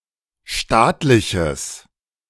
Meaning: strong/mixed nominative/accusative neuter singular of staatlich
- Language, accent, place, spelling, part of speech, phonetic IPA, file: German, Germany, Berlin, staatliches, adjective, [ˈʃtaːtlɪçəs], De-staatliches.ogg